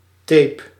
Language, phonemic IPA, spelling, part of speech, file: Dutch, /ˈtepə/, tape, noun / verb, Nl-tape.ogg
- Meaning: tape